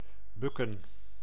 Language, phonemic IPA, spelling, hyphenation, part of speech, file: Dutch, /ˈbʏkə(n)/, bukken, buk‧ken, verb, Nl-bukken.ogg
- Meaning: to duck, to bend down